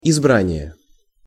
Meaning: 1. election (choice of a leader or representatives) 2. selection
- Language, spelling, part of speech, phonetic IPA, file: Russian, избрание, noun, [ɪzˈbranʲɪje], Ru-избрание.ogg